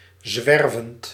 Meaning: present participle of zwerven
- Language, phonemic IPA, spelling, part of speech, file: Dutch, /ˈzʋɛrvənt/, zwervend, verb / adjective, Nl-zwervend.ogg